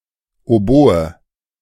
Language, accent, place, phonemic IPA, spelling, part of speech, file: German, Germany, Berlin, /oˈboːə/, Oboe, noun, De-Oboe.ogg
- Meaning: oboe